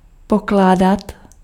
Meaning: 1. to lay, to put down 2. to ask (questions) 3. to consider
- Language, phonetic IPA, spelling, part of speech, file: Czech, [ˈpoklaːdat], pokládat, verb, Cs-pokládat.ogg